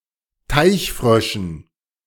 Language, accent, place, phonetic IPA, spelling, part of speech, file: German, Germany, Berlin, [ˈtaɪ̯çˌfʁœʃn̩], Teichfröschen, noun, De-Teichfröschen.ogg
- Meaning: dative plural of Teichfrosch